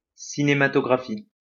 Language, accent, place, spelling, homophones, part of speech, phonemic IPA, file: French, France, Lyon, cinématographie, cinématographies / cinématographient, noun / verb, /si.ne.ma.tɔ.ɡʁa.fi/, LL-Q150 (fra)-cinématographie.wav
- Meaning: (noun) cinematography; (verb) inflection of cinématographier: 1. first/third-person singular present indicative/subjunctive 2. second-person singular imperative